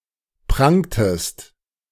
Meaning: inflection of prangen: 1. second-person singular preterite 2. second-person singular subjunctive II
- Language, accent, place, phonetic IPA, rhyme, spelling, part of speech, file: German, Germany, Berlin, [ˈpʁaŋtəst], -aŋtəst, prangtest, verb, De-prangtest.ogg